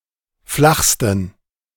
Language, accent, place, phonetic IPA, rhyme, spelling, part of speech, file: German, Germany, Berlin, [ˈflaxstn̩], -axstn̩, flachsten, adjective, De-flachsten.ogg
- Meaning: 1. superlative degree of flach 2. inflection of flach: strong genitive masculine/neuter singular superlative degree